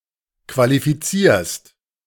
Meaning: second-person singular present of qualifizieren
- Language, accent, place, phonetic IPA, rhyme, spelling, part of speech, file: German, Germany, Berlin, [kvalifiˈt͡siːɐ̯st], -iːɐ̯st, qualifizierst, verb, De-qualifizierst.ogg